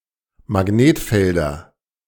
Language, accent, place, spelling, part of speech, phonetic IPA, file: German, Germany, Berlin, Magnetfelder, noun, [maˈɡneːtˌfɛldɐ], De-Magnetfelder.ogg
- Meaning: nominative/accusative/genitive plural of Magnetfeld